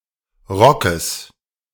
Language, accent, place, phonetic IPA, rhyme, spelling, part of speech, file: German, Germany, Berlin, [ˈʁɔkəs], -ɔkəs, Rockes, noun, De-Rockes.ogg
- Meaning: genitive singular of Rock